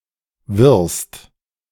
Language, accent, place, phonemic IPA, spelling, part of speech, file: German, Germany, Berlin, /vɪʁst/, wirst, verb, De-wirst.ogg
- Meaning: second-person singular present of werden